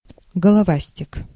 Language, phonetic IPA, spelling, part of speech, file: Russian, [ɡəɫɐˈvasʲtʲɪk], головастик, noun, Ru-головастик.ogg
- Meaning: tadpole, polliwog